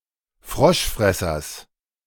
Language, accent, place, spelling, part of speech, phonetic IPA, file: German, Germany, Berlin, Froschfressers, noun, [ˈfʁɔʃˌfʁɛsɐs], De-Froschfressers.ogg
- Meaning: genitive singular of Froschfresser